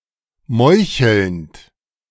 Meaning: present participle of meucheln
- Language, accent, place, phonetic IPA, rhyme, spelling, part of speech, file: German, Germany, Berlin, [ˈmɔɪ̯çl̩nt], -ɔɪ̯çl̩nt, meuchelnd, verb, De-meuchelnd.ogg